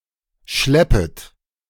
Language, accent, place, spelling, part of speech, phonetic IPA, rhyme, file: German, Germany, Berlin, schleppet, verb, [ˈʃlɛpət], -ɛpət, De-schleppet.ogg
- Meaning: second-person plural subjunctive I of schleppen